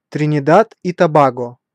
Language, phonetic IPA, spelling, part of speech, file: Russian, [trʲɪnʲɪˈdat i tɐˈbaɡə], Тринидад и Тобаго, proper noun, Ru-Тринидад и Тобаго.ogg
- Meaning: Trinidad and Tobago (a country consisting of two main islands and several smaller islands in the Caribbean, off the coast of Venezuela)